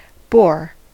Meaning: 1. A wild boar (Sus scrofa), the wild ancestor of the domesticated pig 2. A male pig 3. A male boar (sense 1) 4. A male bear 5. A male guinea pig
- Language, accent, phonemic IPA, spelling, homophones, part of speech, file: English, US, /boɹ/, boar, bore / Bohr, noun, En-us-boar.ogg